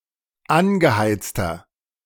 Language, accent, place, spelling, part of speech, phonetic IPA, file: German, Germany, Berlin, angeheizter, adjective, [ˈanɡəˌhaɪ̯t͡stɐ], De-angeheizter.ogg
- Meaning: inflection of angeheizt: 1. strong/mixed nominative masculine singular 2. strong genitive/dative feminine singular 3. strong genitive plural